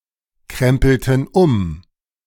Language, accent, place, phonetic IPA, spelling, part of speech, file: German, Germany, Berlin, [ˌkʁɛmpl̩tn̩ ˈʊm], krempelten um, verb, De-krempelten um.ogg
- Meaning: inflection of umkrempeln: 1. first/third-person plural preterite 2. first/third-person plural subjunctive II